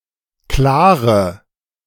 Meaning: inflection of klar: 1. strong/mixed nominative/accusative feminine singular 2. strong nominative/accusative plural 3. weak nominative all-gender singular 4. weak accusative feminine/neuter singular
- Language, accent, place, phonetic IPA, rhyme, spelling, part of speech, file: German, Germany, Berlin, [ˈklaːʁə], -aːʁə, klare, adjective, De-klare.ogg